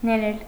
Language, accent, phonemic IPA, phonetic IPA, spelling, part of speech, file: Armenian, Eastern Armenian, /neˈɾel/, [neɾél], ներել, verb, Hy-ներել.ogg
- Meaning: to forgive